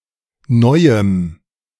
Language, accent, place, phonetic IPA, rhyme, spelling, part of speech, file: German, Germany, Berlin, [ˈnɔɪ̯əm], -ɔɪ̯əm, neuem, adjective, De-neuem.ogg
- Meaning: strong dative masculine/neuter singular of neu